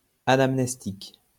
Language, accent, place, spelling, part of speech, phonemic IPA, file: French, France, Lyon, anamnestique, adjective, /a.nam.nɛs.tik/, LL-Q150 (fra)-anamnestique.wav
- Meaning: anamnestic